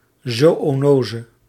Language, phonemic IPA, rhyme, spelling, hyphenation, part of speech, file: Dutch, /ˌzoː.oːˈnoː.zə/, -oːzə, zoönose, zoö‧no‧se, noun, Nl-zoönose.ogg
- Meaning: zoonosis